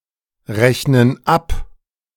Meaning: inflection of abrechnen: 1. first/third-person plural present 2. first/third-person plural subjunctive I
- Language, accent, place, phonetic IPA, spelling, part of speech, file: German, Germany, Berlin, [ˌʁɛçnən ˈap], rechnen ab, verb, De-rechnen ab.ogg